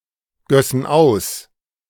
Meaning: first-person plural subjunctive II of ausgießen
- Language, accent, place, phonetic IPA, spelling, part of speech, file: German, Germany, Berlin, [ˌɡœsn̩ ˈaʊ̯s], gössen aus, verb, De-gössen aus.ogg